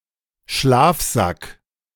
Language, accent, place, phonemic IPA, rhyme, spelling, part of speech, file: German, Germany, Berlin, /ˈʃlaːfˌzak/, -ak, Schlafsack, noun, De-Schlafsack.ogg
- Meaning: sleeping bag (padded or insulated bag)